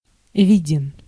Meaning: short masculine singular of ви́дный (vídnyj)
- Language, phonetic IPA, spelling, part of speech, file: Russian, [ˈvʲidʲɪn], виден, adjective, Ru-виден.ogg